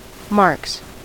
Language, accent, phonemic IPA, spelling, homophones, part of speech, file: English, US, /mɑɹks/, marks, Marks / marques / Marx, noun / verb, En-us-marks.ogg
- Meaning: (noun) plural of mark; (verb) third-person singular simple present indicative of mark